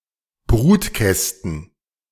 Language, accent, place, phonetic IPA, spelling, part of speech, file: German, Germany, Berlin, [ˈbʁuːtˌkɛstn̩], Brutkästen, noun, De-Brutkästen.ogg
- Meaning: plural of Brutkasten